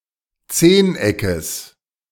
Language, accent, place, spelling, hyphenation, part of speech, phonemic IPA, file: German, Germany, Berlin, Zehneckes, Zehn‧eckes, noun, /ˈt͡seːnˌ.ɛkəs/, De-Zehneckes.ogg
- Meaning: genitive singular of Zehneck